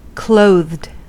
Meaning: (adjective) Wearing clothes or clothing; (verb) simple past and past participle of clothe
- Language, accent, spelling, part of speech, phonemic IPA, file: English, US, clothed, adjective / verb, /ˈkloʊðd/, En-us-clothed.ogg